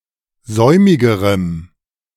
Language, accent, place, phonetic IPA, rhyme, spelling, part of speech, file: German, Germany, Berlin, [ˈzɔɪ̯mɪɡəʁəm], -ɔɪ̯mɪɡəʁəm, säumigerem, adjective, De-säumigerem.ogg
- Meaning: strong dative masculine/neuter singular comparative degree of säumig